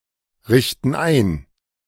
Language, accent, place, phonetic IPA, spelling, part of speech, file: German, Germany, Berlin, [ˌʁɪçtn̩ ˈaɪ̯n], richten ein, verb, De-richten ein.ogg
- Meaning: inflection of einrichten: 1. first/third-person plural present 2. first/third-person plural subjunctive I